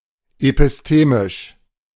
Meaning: epistemic
- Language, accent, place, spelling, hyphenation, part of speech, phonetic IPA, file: German, Germany, Berlin, epistemisch, epis‧te‧misch, adjective, [epɪsˈteːmɪʃ], De-epistemisch.ogg